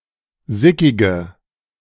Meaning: inflection of sickig: 1. strong/mixed nominative/accusative feminine singular 2. strong nominative/accusative plural 3. weak nominative all-gender singular 4. weak accusative feminine/neuter singular
- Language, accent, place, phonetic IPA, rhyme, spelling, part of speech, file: German, Germany, Berlin, [ˈzɪkɪɡə], -ɪkɪɡə, sickige, adjective, De-sickige.ogg